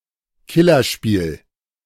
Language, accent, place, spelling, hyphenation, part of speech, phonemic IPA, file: German, Germany, Berlin, Killerspiel, Kil‧ler‧spiel, noun, /ˈkɪlɐʃpiːl/, De-Killerspiel.ogg
- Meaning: derogative term for action computer games, especially first-person shooters, in which the main objective is killing, mainly used by people who want that kind of games to be banned